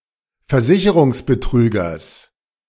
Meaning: genitive singular of Versicherungsbetrüger
- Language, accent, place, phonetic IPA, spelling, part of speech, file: German, Germany, Berlin, [fɛɐ̯ˈzɪçəʁʊŋsbəˌtʁyːɡɐs], Versicherungsbetrügers, noun, De-Versicherungsbetrügers.ogg